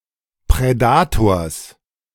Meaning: genitive singular of Prädator
- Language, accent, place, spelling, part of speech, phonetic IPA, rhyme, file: German, Germany, Berlin, Prädators, noun, [pʁɛˈdaːtoːɐ̯s], -aːtoːɐ̯s, De-Prädators.ogg